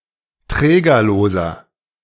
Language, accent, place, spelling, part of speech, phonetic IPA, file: German, Germany, Berlin, trägerloser, adjective, [ˈtʁɛːɡɐloːzɐ], De-trägerloser.ogg
- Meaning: inflection of trägerlos: 1. strong/mixed nominative masculine singular 2. strong genitive/dative feminine singular 3. strong genitive plural